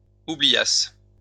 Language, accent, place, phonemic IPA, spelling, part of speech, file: French, France, Lyon, /u.bli.jas/, oubliasse, verb, LL-Q150 (fra)-oubliasse.wav
- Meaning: first-person singular imperfect subjunctive of oublier